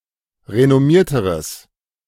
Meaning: strong/mixed nominative/accusative neuter singular comparative degree of renommiert
- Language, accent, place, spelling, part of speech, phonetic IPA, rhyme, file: German, Germany, Berlin, renommierteres, adjective, [ʁenɔˈmiːɐ̯təʁəs], -iːɐ̯təʁəs, De-renommierteres.ogg